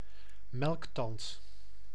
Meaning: a milk tooth
- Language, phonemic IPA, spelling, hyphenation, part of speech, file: Dutch, /ˈmɛlk.tɑnt/, melktand, melk‧tand, noun, Nl-melktand.ogg